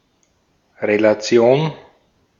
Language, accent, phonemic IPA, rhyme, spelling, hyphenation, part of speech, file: German, Austria, /ʁelaˈt͡si̯oːn/, -oːn, Relation, Re‧la‧ti‧on, noun, De-at-Relation.ogg
- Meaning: relation